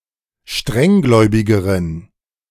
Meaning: inflection of strenggläubig: 1. strong genitive masculine/neuter singular comparative degree 2. weak/mixed genitive/dative all-gender singular comparative degree
- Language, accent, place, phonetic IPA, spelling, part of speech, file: German, Germany, Berlin, [ˈʃtʁɛŋˌɡlɔɪ̯bɪɡəʁən], strenggläubigeren, adjective, De-strenggläubigeren.ogg